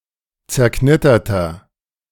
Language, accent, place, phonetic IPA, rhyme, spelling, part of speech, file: German, Germany, Berlin, [t͡sɛɐ̯ˈknɪtɐtɐ], -ɪtɐtɐ, zerknitterter, adjective, De-zerknitterter.ogg
- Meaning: inflection of zerknittert: 1. strong/mixed nominative masculine singular 2. strong genitive/dative feminine singular 3. strong genitive plural